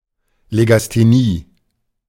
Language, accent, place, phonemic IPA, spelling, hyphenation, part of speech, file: German, Germany, Berlin, /ˌleɡasteˈniː/, Legasthenie, Le‧gas‧the‧nie, noun, De-Legasthenie.ogg
- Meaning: dyslexia